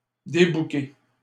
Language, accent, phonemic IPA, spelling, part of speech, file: French, Canada, /de.bu.ke/, débouquer, verb, LL-Q150 (fra)-débouquer.wav
- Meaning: to disembogue